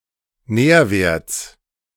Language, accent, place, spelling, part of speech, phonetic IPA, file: German, Germany, Berlin, Nährwerts, noun, [ˈnɛːɐ̯ˌveːɐ̯t͡s], De-Nährwerts.ogg
- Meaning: genitive singular of Nährwert